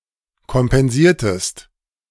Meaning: inflection of kompensieren: 1. second-person singular preterite 2. second-person singular subjunctive II
- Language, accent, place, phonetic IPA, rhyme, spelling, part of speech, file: German, Germany, Berlin, [kɔmpɛnˈziːɐ̯təst], -iːɐ̯təst, kompensiertest, verb, De-kompensiertest.ogg